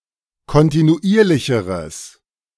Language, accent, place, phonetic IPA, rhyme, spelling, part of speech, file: German, Germany, Berlin, [kɔntinuˈʔiːɐ̯lɪçəʁəs], -iːɐ̯lɪçəʁəs, kontinuierlicheres, adjective, De-kontinuierlicheres.ogg
- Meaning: strong/mixed nominative/accusative neuter singular comparative degree of kontinuierlich